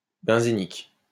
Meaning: benzenic
- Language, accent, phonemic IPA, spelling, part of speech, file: French, France, /bɛ̃.ze.nik/, benzénique, adjective, LL-Q150 (fra)-benzénique.wav